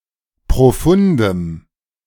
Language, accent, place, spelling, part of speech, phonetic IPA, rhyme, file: German, Germany, Berlin, profundem, adjective, [pʁoˈfʊndəm], -ʊndəm, De-profundem.ogg
- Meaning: strong dative masculine/neuter singular of profund